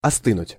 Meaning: alternative form of осты́ть (ostýtʹ)
- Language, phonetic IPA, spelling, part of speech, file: Russian, [ɐˈstɨnʊtʲ], остынуть, verb, Ru-остынуть.ogg